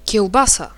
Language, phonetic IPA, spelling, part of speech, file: Polish, [cɛwˈbasa], kiełbasa, noun, Pl-kiełbasa.ogg